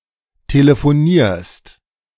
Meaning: second-person singular present of telefonieren
- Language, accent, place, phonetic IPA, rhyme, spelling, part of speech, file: German, Germany, Berlin, [teləfoˈniːɐ̯st], -iːɐ̯st, telefonierst, verb, De-telefonierst.ogg